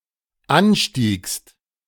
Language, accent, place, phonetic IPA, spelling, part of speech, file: German, Germany, Berlin, [ˈanˌʃtiːkst], anstiegst, verb, De-anstiegst.ogg
- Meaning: second-person singular dependent preterite of ansteigen